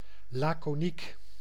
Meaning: 1. laconic, pithy 2. indifferent, laid back
- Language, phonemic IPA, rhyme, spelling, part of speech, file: Dutch, /laː.koːˈnik/, -ik, laconiek, adjective, Nl-laconiek.ogg